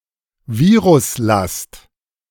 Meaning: viral load
- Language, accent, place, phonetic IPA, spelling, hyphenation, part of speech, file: German, Germany, Berlin, [ˈviːʁʊsˌlast], Viruslast, Vi‧rus‧last, noun, De-Viruslast.ogg